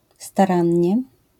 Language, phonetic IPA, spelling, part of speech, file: Polish, [staˈrãɲːɛ], starannie, adverb, LL-Q809 (pol)-starannie.wav